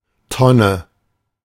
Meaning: barrel, vat, tun, drum: 1. for collecting waste or surplus, such as a bin, dumpster/skip, water butt 2. for storing and transporting industrial materials
- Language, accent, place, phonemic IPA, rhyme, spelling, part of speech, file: German, Germany, Berlin, /ˈtɔnə/, -ɔnə, Tonne, noun, De-Tonne.ogg